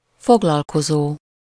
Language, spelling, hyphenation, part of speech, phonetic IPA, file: Hungarian, foglalkozó, fog‧lal‧ko‧zó, verb, [ˈfoɡlɒlkozoː], Hu-foglalkozó.ogg
- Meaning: present participle of foglalkozik